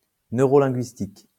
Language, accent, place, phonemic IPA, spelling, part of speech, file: French, France, Lyon, /nø.ʁɔ.lɛ̃.ɡɥis.tik/, neurolinguistique, adjective / noun, LL-Q150 (fra)-neurolinguistique.wav
- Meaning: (adjective) neurolinguistic; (noun) neurolinguistics